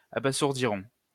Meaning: third-person plural simple future of abasourdir
- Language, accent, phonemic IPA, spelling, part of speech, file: French, France, /a.ba.zuʁ.di.ʁɔ̃/, abasourdiront, verb, LL-Q150 (fra)-abasourdiront.wav